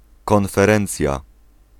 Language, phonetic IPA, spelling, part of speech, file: Polish, [ˌkɔ̃nfɛˈrɛ̃nt͡sʲja], konferencja, noun, Pl-konferencja.ogg